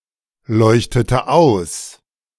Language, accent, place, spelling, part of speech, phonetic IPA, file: German, Germany, Berlin, leuchtete aus, verb, [ˌlɔɪ̯çtətə ˈaʊ̯s], De-leuchtete aus.ogg
- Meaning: inflection of ausleuchten: 1. first/third-person singular preterite 2. first/third-person singular subjunctive II